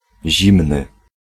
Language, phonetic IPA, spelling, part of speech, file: Polish, [ˈʑĩmnɨ], zimny, adjective, Pl-zimny.ogg